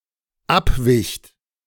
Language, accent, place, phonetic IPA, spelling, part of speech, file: German, Germany, Berlin, [ˈapˌvɪçt], abwicht, verb, De-abwicht.ogg
- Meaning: second-person plural dependent preterite of abweichen